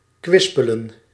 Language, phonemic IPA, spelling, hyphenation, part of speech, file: Dutch, /ˈkʋɪs.pə.lə(n)/, kwispelen, kwis‧pe‧len, verb, Nl-kwispelen.ogg
- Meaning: to wag (one's tail)